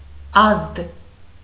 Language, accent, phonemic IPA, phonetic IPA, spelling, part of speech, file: Armenian, Eastern Armenian, /ɑzd/, [ɑzd], ազդ, noun, Hy-ազդ.ogg
- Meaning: announcement, advertisement